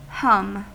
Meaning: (noun) 1. A hummed tune, i.e. created orally with lips closed 2. An often indistinct sound resembling human humming 3. Busy activity, like the buzz of a beehive 4. Unpleasant odour
- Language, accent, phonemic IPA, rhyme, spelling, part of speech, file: English, US, /ˈhʌm/, -ʌm, hum, noun / verb / interjection, En-us-hum.ogg